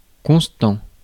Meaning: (verb) present participle of conster; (adjective) constant
- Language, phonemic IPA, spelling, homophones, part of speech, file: French, /kɔ̃s.tɑ̃/, constant, constants, verb / adjective, Fr-constant.ogg